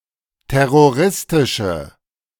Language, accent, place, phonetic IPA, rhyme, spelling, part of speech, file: German, Germany, Berlin, [ˌtɛʁoˈʁɪstɪʃə], -ɪstɪʃə, terroristische, adjective, De-terroristische.ogg
- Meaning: inflection of terroristisch: 1. strong/mixed nominative/accusative feminine singular 2. strong nominative/accusative plural 3. weak nominative all-gender singular